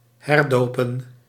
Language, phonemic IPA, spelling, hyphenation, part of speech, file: Dutch, /ˌɦɛrˈdoː.pə(n)/, herdopen, her‧do‧pen, verb, Nl-herdopen.ogg
- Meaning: 1. to rebaptise 2. to rename